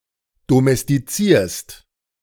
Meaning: second-person singular present of domestizieren
- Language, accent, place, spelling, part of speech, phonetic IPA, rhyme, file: German, Germany, Berlin, domestizierst, verb, [domɛstiˈt͡siːɐ̯st], -iːɐ̯st, De-domestizierst.ogg